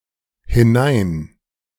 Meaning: A prefix, conveying a movement into something
- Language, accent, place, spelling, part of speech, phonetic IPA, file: German, Germany, Berlin, hinein-, prefix, [hɪˈnaɪ̯n], De-hinein-.ogg